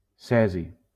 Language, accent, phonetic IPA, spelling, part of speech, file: Catalan, Valencia, [ˈsɛ.zi], cesi, noun / adjective, LL-Q7026 (cat)-cesi.wav
- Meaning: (noun) cesium; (adjective) light ash blue